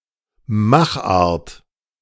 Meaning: make
- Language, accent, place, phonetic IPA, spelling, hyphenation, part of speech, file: German, Germany, Berlin, [ˈmaxˌʔaːɐ̯t], Machart, Mach‧art, noun, De-Machart.ogg